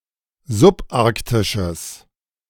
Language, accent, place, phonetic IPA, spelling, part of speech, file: German, Germany, Berlin, [zʊpˈʔaʁktɪʃəs], subarktisches, adjective, De-subarktisches.ogg
- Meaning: strong/mixed nominative/accusative neuter singular of subarktisch